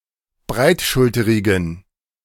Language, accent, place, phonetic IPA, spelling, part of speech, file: German, Germany, Berlin, [ˈbʁaɪ̯tˌʃʊltəʁɪɡn̩], breitschulterigen, adjective, De-breitschulterigen.ogg
- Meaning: inflection of breitschulterig: 1. strong genitive masculine/neuter singular 2. weak/mixed genitive/dative all-gender singular 3. strong/weak/mixed accusative masculine singular 4. strong dative plural